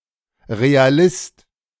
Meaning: realist
- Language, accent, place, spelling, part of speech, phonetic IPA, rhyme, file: German, Germany, Berlin, Realist, noun, [ʁeaˈlɪst], -ɪst, De-Realist.ogg